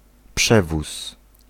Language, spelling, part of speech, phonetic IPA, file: Polish, przewóz, noun, [ˈpʃɛvus], Pl-przewóz.ogg